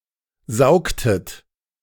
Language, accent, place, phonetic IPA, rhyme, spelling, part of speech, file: German, Germany, Berlin, [ˈzaʊ̯ktət], -aʊ̯ktət, saugtet, verb, De-saugtet.ogg
- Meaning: inflection of saugen: 1. second-person plural preterite 2. second-person plural subjunctive II